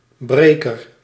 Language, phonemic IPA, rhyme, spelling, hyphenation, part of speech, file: Dutch, /ˈbreː.kər/, -eːkər, breker, bre‧ker, noun, Nl-breker.ogg
- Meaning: 1. breaker, one who or something that breaks 2. breaker, a turbulent wave producing foam near the shore or shallows